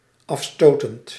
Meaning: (adjective) repulsive; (verb) present participle of afstoten
- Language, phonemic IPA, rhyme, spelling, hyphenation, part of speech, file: Dutch, /ɑfˈstoː.tənt/, -oːtənt, afstotend, af‧sto‧tend, adjective / verb, Nl-afstotend.ogg